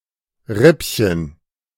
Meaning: 1. diminutive of Rippe 2. chop
- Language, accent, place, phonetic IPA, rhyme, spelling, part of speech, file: German, Germany, Berlin, [ˈʁɪpçən], -ɪpçən, Rippchen, noun, De-Rippchen.ogg